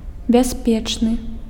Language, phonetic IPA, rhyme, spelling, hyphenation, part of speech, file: Belarusian, [bʲaˈsʲpʲet͡ʂnɨ], -et͡ʂnɨ, бяспечны, бяс‧печ‧ны, adjective, Be-бяспечны.ogg
- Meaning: 1. secure, safe (not in danger) 2. secure, safe (which guarantees security) 3. harmless (which does not cause any harm)